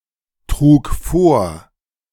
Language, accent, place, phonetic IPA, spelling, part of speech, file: German, Germany, Berlin, [ˌtʁuːk ˈfoːɐ̯], trug vor, verb, De-trug vor.ogg
- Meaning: first/third-person singular preterite of vortragen